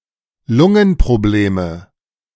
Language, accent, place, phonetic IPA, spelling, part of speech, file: German, Germany, Berlin, [ˈlʊŋənpʁoˌbleːmə], Lungenprobleme, noun, De-Lungenprobleme.ogg
- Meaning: nominative/accusative/genitive plural of Lungenproblem